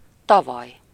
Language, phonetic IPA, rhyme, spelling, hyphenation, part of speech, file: Hungarian, [ˈtɒvɒj], -ɒj, tavaly, ta‧valy, adverb, Hu-tavaly.ogg
- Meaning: last year, yesteryear (year before this one, a year ago)